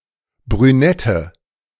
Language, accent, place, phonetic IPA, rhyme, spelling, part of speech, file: German, Germany, Berlin, [bʁyˈnɛtə], -ɛtə, brünette, adjective, De-brünette.ogg
- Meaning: inflection of brünett: 1. strong/mixed nominative/accusative feminine singular 2. strong nominative/accusative plural 3. weak nominative all-gender singular 4. weak accusative feminine/neuter singular